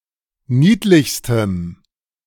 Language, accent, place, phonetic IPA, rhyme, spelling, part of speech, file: German, Germany, Berlin, [ˈniːtlɪçstəm], -iːtlɪçstəm, niedlichstem, adjective, De-niedlichstem.ogg
- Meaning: strong dative masculine/neuter singular superlative degree of niedlich